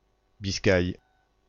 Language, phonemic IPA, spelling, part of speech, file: French, /bis.kaj/, Biscaye, proper noun, Fr-Biscaye.ogg
- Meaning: Biscay